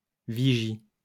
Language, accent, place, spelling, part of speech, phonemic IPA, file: French, France, Lyon, vigie, noun, /vi.ʒi/, LL-Q150 (fra)-vigie.wav
- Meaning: 1. lookout; watch 2. crow's nest